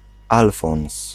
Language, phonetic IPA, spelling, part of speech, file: Polish, [ˈalfɔ̃w̃s], Alfons, proper noun, Pl-Alfons.ogg